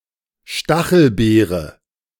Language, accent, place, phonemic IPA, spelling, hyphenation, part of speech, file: German, Germany, Berlin, /ˈʃtaxl̩ˌbeːʁə/, Stachelbeere, Sta‧chel‧bee‧re, noun, De-Stachelbeere.ogg
- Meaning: gooseberry